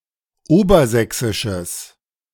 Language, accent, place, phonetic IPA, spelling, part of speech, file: German, Germany, Berlin, [ˈoːbɐˌzɛksɪʃəs], obersächsisches, adjective, De-obersächsisches.ogg
- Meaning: strong/mixed nominative/accusative neuter singular of obersächsisch